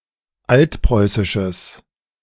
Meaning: strong/mixed nominative/accusative neuter singular of altpreußisch
- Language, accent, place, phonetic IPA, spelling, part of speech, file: German, Germany, Berlin, [ˈaltˌpʁɔɪ̯sɪʃəs], altpreußisches, adjective, De-altpreußisches.ogg